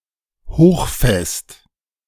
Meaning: high-strength
- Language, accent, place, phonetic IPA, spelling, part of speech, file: German, Germany, Berlin, [ˈhoːxˌfɛst], hochfest, adjective, De-hochfest.ogg